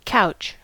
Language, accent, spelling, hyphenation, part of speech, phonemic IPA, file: English, US, couch, couch, noun / verb, /ˈkaʊ̯t͡ʃ/, En-us-couch.ogg
- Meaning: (noun) 1. An item of furniture, often upholstered, for the comfortable seating of more than one person; a sofa 2. A bed, a resting-place 3. The den of an otter